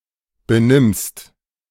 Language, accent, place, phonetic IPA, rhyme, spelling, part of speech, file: German, Germany, Berlin, [beˈnɪmst], -ɪmst, benimmst, verb, De-benimmst.ogg
- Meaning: second-person singular present of benehmen